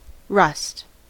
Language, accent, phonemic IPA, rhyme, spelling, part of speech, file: English, US, /ɹʌst/, -ʌst, rust, noun / verb, En-us-rust.ogg
- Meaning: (noun) The deteriorated state of iron or steel as a result of moisture and oxidation; it consists mostly of iron(III) oxide (ferric oxide) and iron(II) oxide (ferrous oxide)